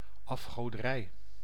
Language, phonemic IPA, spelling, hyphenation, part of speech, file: Dutch, /ˌɑf.xoː.dəˈrɛi̯/, afgoderij, af‧go‧de‧rij, noun, Nl-afgoderij.ogg
- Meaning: idolatry